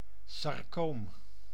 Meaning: sarcoma
- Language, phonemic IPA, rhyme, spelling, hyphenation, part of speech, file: Dutch, /sɑrˈkoːm/, -oːm, sarcoom, sar‧coom, noun, Nl-sarcoom.ogg